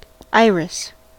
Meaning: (noun) A plant of the genus Iris, common in the northern hemisphere, and generally having attractive blooms (See Iris (plant) on Wikipedia.Wikipedia )
- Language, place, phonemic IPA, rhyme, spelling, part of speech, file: English, California, /ˈaɪ.ɹɪs/, -aɪɹɪs, iris, noun / verb, En-us-iris.ogg